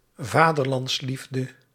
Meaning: patriotism
- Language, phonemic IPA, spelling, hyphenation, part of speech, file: Dutch, /ˈvaː.dər.lɑntsˌlif.də/, vaderlandsliefde, va‧der‧lands‧lief‧de, noun, Nl-vaderlandsliefde.ogg